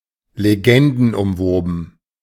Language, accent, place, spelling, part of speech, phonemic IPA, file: German, Germany, Berlin, legendenumwoben, adjective, /leˈɡɛndn̩ʊmˌvoːbn̩/, De-legendenumwoben.ogg
- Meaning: legendary (wrapped in legends)